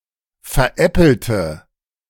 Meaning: inflection of veräppeln: 1. first/third-person singular preterite 2. first/third-person singular subjunctive II
- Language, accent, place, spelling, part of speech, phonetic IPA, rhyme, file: German, Germany, Berlin, veräppelte, adjective / verb, [fɛɐ̯ˈʔɛpl̩tə], -ɛpl̩tə, De-veräppelte.ogg